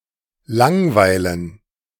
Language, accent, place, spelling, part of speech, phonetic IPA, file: German, Germany, Berlin, langweilen, verb, [ˈlaŋvaɪlən], De-langweilen.ogg
- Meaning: 1. to bore (inspire boredom in someone) 2. to be bored, to feel bored